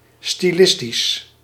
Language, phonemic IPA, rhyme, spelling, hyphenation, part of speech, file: Dutch, /ˌstiˈlɪs.tis/, -ɪstis, stilistisch, sti‧lis‧tisch, adjective, Nl-stilistisch.ogg
- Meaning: stylistic